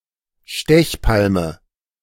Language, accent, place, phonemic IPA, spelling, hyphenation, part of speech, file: German, Germany, Berlin, /ˈʃtɛçˌpalmə/, Stechpalme, Stech‧pal‧me, noun, De-Stechpalme.ogg
- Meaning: 1. holly (any of various shrubs or small trees of the genus Ilex) 2. knee holly, butcher's broom (Ruscus aculeatus, “kleine Stechpalme”)